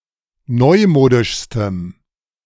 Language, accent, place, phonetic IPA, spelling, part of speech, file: German, Germany, Berlin, [ˈnɔɪ̯ˌmoːdɪʃstəm], neumodischstem, adjective, De-neumodischstem.ogg
- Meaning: strong dative masculine/neuter singular superlative degree of neumodisch